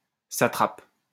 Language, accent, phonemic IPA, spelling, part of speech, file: French, France, /sa.tʁap/, satrape, noun, LL-Q150 (fra)-satrape.wav
- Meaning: satrap